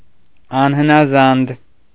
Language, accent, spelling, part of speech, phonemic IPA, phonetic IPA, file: Armenian, Eastern Armenian, անհնազանդ, adjective, /ɑnhənɑˈzɑnd/, [ɑnhənɑzɑ́nd], Hy-անհնազանդ .ogg
- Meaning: disobedient